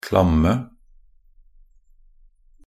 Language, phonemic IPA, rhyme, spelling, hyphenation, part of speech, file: Norwegian Bokmål, /klamːə/, -amːə, klamme, klam‧me, adjective, Nb-klamme.ogg
- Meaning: 1. definite singular of klam 2. plural of klam